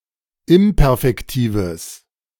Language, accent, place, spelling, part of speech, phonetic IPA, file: German, Germany, Berlin, imperfektives, adjective, [ˈɪmpɛʁfɛktiːvəs], De-imperfektives.ogg
- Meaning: strong/mixed nominative/accusative neuter singular of imperfektiv